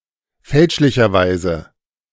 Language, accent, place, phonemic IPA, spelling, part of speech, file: German, Germany, Berlin, /ˈfɛlʃlɪçɐˌvaɪ̯zə/, fälschlicherweise, adverb, De-fälschlicherweise.ogg
- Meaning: wrongly, erroneously